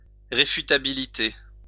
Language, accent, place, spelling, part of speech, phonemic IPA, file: French, France, Lyon, réfutabilité, noun, /ʁe.fy.ta.bi.li.te/, LL-Q150 (fra)-réfutabilité.wav
- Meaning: refutability